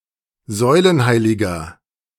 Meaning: 1. stylite 2. eminence, authority figure
- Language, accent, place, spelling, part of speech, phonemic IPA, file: German, Germany, Berlin, Säulenheiliger, noun, /ˈzɔɪ̯lənˌhaɪ̯lɪɡɐ/, De-Säulenheiliger.ogg